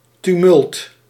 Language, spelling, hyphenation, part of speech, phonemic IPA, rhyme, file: Dutch, tumult, tu‧mult, noun, /tyˈmʏlt/, -ʏlt, Nl-tumult.ogg
- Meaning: tumult